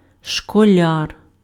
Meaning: schoolboy, school pupil
- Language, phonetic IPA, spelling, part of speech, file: Ukrainian, [ʃkɔˈlʲar], школяр, noun, Uk-школяр.ogg